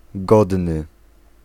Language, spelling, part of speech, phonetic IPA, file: Polish, godny, adjective, [ˈɡɔdnɨ], Pl-godny.ogg